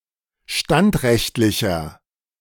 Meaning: inflection of standrechtlich: 1. strong/mixed nominative masculine singular 2. strong genitive/dative feminine singular 3. strong genitive plural
- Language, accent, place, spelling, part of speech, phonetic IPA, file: German, Germany, Berlin, standrechtlicher, adjective, [ˈʃtantˌʁɛçtlɪçɐ], De-standrechtlicher.ogg